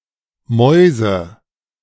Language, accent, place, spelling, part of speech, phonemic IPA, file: German, Germany, Berlin, Mäuse, noun, /ˈmɔi̯zə/, De-Mäuse2.ogg
- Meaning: 1. nominative/accusative/genitive plural of Maus (“mouse”) 2. money